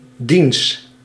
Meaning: 1. his, the latter's (genitive masculine and neuter singular of die) 2. the latter's (genitive singular of die)
- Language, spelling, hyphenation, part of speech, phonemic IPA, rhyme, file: Dutch, diens, diens, determiner, /dins/, -ins, Nl-diens.ogg